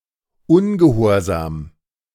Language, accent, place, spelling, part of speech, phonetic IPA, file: German, Germany, Berlin, ungehorsam, adjective, [ˈʊnɡəˌhoːɐ̯zaːm], De-ungehorsam.ogg
- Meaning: disobedient